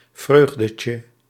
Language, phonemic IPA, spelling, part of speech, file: Dutch, /ˈvrøɣdəcə/, vreugdetje, noun, Nl-vreugdetje.ogg
- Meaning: diminutive of vreugde